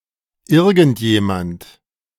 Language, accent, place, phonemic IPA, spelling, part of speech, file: German, Germany, Berlin, /ˈɪʁɡn̩tˈjeːmant/, irgendjemand, pronoun, De-irgendjemand.ogg
- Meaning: 1. someone, somebody 2. anyone, anybody, anyone at all, anybody at all, any person